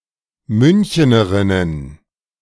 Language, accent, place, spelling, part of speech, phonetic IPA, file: German, Germany, Berlin, Münchenerinnen, noun, [ˈmʏnçənəʁɪnən], De-Münchenerinnen.ogg
- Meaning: plural of Münchenerin